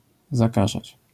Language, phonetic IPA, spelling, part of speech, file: Polish, [zaˈkaʒat͡ɕ], zakażać, verb, LL-Q809 (pol)-zakażać.wav